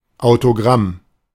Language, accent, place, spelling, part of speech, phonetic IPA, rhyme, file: German, Germany, Berlin, Autogramm, noun, [aʊ̯toˈɡʁam], -am, De-Autogramm.ogg
- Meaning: autograph